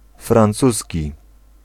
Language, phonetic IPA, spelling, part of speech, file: Polish, [frãnˈt͡susʲci], francuski, adjective / noun, Pl-francuski.ogg